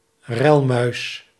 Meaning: edible dormouse (Glis glis)
- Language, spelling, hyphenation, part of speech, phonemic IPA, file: Dutch, relmuis, rel‧muis, noun, /ˈrɛl.mœy̯s/, Nl-relmuis.ogg